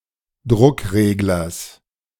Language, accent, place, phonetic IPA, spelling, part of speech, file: German, Germany, Berlin, [ˈdʁʊkˌʁeːɡlɐs], Druckreglers, noun, De-Druckreglers.ogg
- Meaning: genitive singular of Druckregler